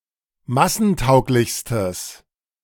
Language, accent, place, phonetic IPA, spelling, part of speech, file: German, Germany, Berlin, [ˈmasn̩ˌtaʊ̯klɪçstəs], massentauglichstes, adjective, De-massentauglichstes.ogg
- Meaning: strong/mixed nominative/accusative neuter singular superlative degree of massentauglich